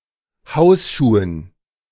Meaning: dative plural of Hausschuh
- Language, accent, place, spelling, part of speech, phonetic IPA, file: German, Germany, Berlin, Hausschuhen, noun, [ˈhaʊ̯sˌʃuːən], De-Hausschuhen.ogg